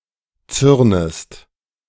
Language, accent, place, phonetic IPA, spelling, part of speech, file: German, Germany, Berlin, [ˈt͡sʏʁnəst], zürnest, verb, De-zürnest.ogg
- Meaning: second-person singular subjunctive I of zürnen